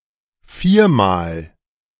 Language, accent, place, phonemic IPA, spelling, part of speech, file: German, Germany, Berlin, /ˈfiːɐ̯maːl/, viermal, adverb, De-viermal.ogg
- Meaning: 1. four times 2. quadruply